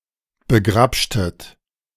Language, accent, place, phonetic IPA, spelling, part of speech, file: German, Germany, Berlin, [bəˈɡʁapʃtət], begrapschtet, verb, De-begrapschtet.ogg
- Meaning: inflection of begrapschen: 1. second-person plural preterite 2. second-person plural subjunctive II